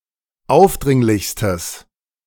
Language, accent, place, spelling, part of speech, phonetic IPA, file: German, Germany, Berlin, aufdringlichstes, adjective, [ˈaʊ̯fˌdʁɪŋlɪçstəs], De-aufdringlichstes.ogg
- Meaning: strong/mixed nominative/accusative neuter singular superlative degree of aufdringlich